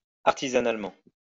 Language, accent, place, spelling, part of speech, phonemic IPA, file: French, France, Lyon, artisanalement, adverb, /aʁ.ti.za.nal.mɑ̃/, LL-Q150 (fra)-artisanalement.wav
- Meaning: artisanally